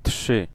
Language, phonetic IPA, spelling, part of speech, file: Polish, [ṭʃɨ], trzy, adjective / noun, Pl-trzy.ogg